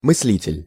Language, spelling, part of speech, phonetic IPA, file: Russian, мыслитель, noun, [mɨs⁽ʲ⁾ˈlʲitʲɪlʲ], Ru-мыслитель.ogg
- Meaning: thinker